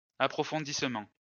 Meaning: deepening
- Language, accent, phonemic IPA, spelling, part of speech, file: French, France, /a.pʁɔ.fɔ̃.dis.mɑ̃/, approfondissement, noun, LL-Q150 (fra)-approfondissement.wav